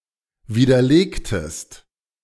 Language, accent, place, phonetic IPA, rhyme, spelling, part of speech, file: German, Germany, Berlin, [ˌviːdɐˈleːktəst], -eːktəst, widerlegtest, verb, De-widerlegtest.ogg
- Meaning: inflection of widerlegen: 1. second-person singular preterite 2. second-person singular subjunctive II